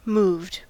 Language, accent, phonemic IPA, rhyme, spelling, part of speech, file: English, US, /muːvd/, -uːvd, moved, adjective / verb, En-us-moved.ogg
- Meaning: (adjective) 1. Emotionally affected; touched 2. Convinced; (verb) simple past and past participle of move